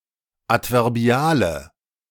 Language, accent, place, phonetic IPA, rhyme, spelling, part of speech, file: German, Germany, Berlin, [ˌatvɛʁˈbi̯aːlə], -aːlə, adverbiale, adjective, De-adverbiale.ogg
- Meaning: inflection of adverbial: 1. strong/mixed nominative/accusative feminine singular 2. strong nominative/accusative plural 3. weak nominative all-gender singular